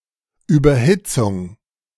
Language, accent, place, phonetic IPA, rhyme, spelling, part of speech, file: German, Germany, Berlin, [ˌyːbɐˈhɪt͡sʊŋ], -ɪt͡sʊŋ, Überhitzung, noun, De-Überhitzung.ogg
- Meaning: 1. overheating 2. hyperthermia